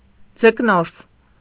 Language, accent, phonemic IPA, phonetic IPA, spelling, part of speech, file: Armenian, Eastern Armenian, /d͡zəkˈnoɾs/, [d͡zəknóɾs], ձկնորս, noun, Hy-ձկնորս.ogg
- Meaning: fisher, fisherman